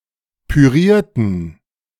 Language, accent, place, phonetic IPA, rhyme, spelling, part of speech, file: German, Germany, Berlin, [pyˈʁiːɐ̯tn̩], -iːɐ̯tn̩, pürierten, adjective / verb, De-pürierten.ogg
- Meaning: inflection of pürieren: 1. first/third-person plural preterite 2. first/third-person plural subjunctive II